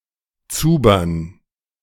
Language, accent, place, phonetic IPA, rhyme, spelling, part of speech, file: German, Germany, Berlin, [ˈt͡suːbɐn], -uːbɐn, Zubern, noun, De-Zubern.ogg
- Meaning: dative plural of Zuber